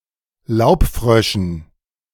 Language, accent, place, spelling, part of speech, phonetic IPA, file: German, Germany, Berlin, Laubfröschen, noun, [ˈlaʊ̯pˌfʁœʃn̩], De-Laubfröschen.ogg
- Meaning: dative plural of Laubfrosch